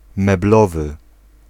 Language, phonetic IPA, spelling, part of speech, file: Polish, [mɛˈblɔvɨ], meblowy, adjective, Pl-meblowy.ogg